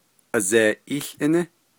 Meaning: doctor, physician
- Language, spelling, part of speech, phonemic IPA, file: Navajo, azeeʼííłʼíní, noun, /ʔɑ̀zèːʔíːɬʔɪ́nɪ́/, Nv-azeeʼííłʼíní.ogg